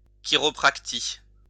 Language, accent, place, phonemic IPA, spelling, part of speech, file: French, France, Lyon, /ki.ʁɔ.pʁak.ti/, chiropractie, noun, LL-Q150 (fra)-chiropractie.wav
- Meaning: alternative form of chiropraxie (“chiropractic”)